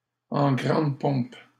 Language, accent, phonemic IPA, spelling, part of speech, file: French, Canada, /ɑ̃ ɡʁɑ̃d pɔ̃p/, en grande pompe, adverb, LL-Q150 (fra)-en grande pompe.wav
- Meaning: sumptuously, lavishly, in state, with great fanfare, with great pomp, with pomp and show, with pomp and circumstance